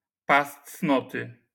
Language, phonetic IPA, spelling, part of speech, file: Polish, [ˈpas ˈt͡snɔtɨ], pas cnoty, noun, LL-Q809 (pol)-pas cnoty.wav